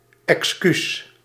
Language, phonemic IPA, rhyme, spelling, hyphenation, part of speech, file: Dutch, /ɛksˈkys/, -ys, excuus, excuus, noun, Nl-excuus.ogg
- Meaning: 1. an excuse, apology, explanation to avoid or alleviate guilt or negative judgement 2. an excuse, pretext